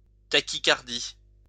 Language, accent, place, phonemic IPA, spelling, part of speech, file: French, France, Lyon, /ta.ki.kaʁ.di/, tachycardie, noun, LL-Q150 (fra)-tachycardie.wav
- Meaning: tachycardia